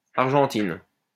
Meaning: feminine singular of argentin
- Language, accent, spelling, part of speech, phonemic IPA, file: French, France, argentine, adjective, /aʁ.ʒɑ̃.tin/, LL-Q150 (fra)-argentine.wav